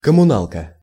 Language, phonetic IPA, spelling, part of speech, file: Russian, [kəmʊˈnaɫkə], коммуналка, noun, Ru-коммуналка.ogg
- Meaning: 1. kommunalka 2. utility bills, (payments for) utilities (пла́та за коммуна́льные услу́ги)